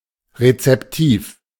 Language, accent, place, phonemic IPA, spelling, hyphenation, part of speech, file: German, Germany, Berlin, /ʁet͡sɛpˈtiːf/, rezeptiv, re‧zep‧tiv, adjective, De-rezeptiv.ogg
- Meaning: receptive